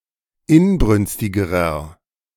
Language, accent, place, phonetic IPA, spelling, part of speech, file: German, Germany, Berlin, [ˈɪnˌbʁʏnstɪɡəʁɐ], inbrünstigerer, adjective, De-inbrünstigerer.ogg
- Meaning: inflection of inbrünstig: 1. strong/mixed nominative masculine singular comparative degree 2. strong genitive/dative feminine singular comparative degree 3. strong genitive plural comparative degree